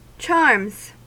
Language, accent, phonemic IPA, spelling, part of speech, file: English, US, /t͡ʃɑɹmz/, charms, noun / verb, En-us-charms.ogg
- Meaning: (noun) plural of charm; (verb) third-person singular simple present indicative of charm